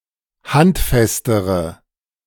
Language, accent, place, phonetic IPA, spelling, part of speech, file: German, Germany, Berlin, [ˈhantˌfɛstəʁə], handfestere, adjective, De-handfestere.ogg
- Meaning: inflection of handfest: 1. strong/mixed nominative/accusative feminine singular comparative degree 2. strong nominative/accusative plural comparative degree